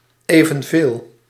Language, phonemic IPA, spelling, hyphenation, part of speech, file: Dutch, /ˌeː.və(n)ˈveːl/, evenveel, even‧veel, determiner / pronoun, Nl-evenveel.ogg
- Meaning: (determiner) as many; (pronoun) as much, as many